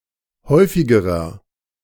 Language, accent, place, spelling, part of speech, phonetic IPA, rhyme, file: German, Germany, Berlin, häufigerer, adjective, [ˈhɔɪ̯fɪɡəʁɐ], -ɔɪ̯fɪɡəʁɐ, De-häufigerer.ogg
- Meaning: inflection of häufig: 1. strong/mixed nominative masculine singular comparative degree 2. strong genitive/dative feminine singular comparative degree 3. strong genitive plural comparative degree